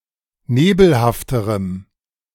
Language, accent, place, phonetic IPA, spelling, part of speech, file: German, Germany, Berlin, [ˈneːbl̩haftəʁəm], nebelhafterem, adjective, De-nebelhafterem.ogg
- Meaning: strong dative masculine/neuter singular comparative degree of nebelhaft